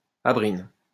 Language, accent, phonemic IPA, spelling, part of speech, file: French, France, /a.bʁin/, abrine, noun, LL-Q150 (fra)-abrine.wav
- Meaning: abrin